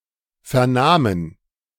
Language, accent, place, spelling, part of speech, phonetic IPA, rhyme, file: German, Germany, Berlin, vernahmen, verb, [ˌfɛɐ̯ˈnaːmən], -aːmən, De-vernahmen.ogg
- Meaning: first/third-person plural preterite of vernehmen